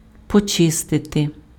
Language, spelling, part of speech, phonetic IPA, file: Ukrainian, почистити, verb, [pɔˈt͡ʃɪstete], Uk-почистити.ogg
- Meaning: to clean